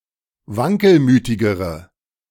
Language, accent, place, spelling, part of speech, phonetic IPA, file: German, Germany, Berlin, wankelmütigere, adjective, [ˈvaŋkəlˌmyːtɪɡəʁə], De-wankelmütigere.ogg
- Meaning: inflection of wankelmütig: 1. strong/mixed nominative/accusative feminine singular comparative degree 2. strong nominative/accusative plural comparative degree